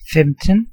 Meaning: fifteen
- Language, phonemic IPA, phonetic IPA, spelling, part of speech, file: Danish, /fɛmtən/, [ˈfɛmd̥n̩], femten, numeral, Da-femten.ogg